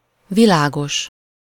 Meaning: 1. light (pale in colour), bright 2. clear, understood
- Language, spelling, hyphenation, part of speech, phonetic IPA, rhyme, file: Hungarian, világos, vi‧lá‧gos, adjective, [ˈvilaːɡoʃ], -oʃ, Hu-világos.ogg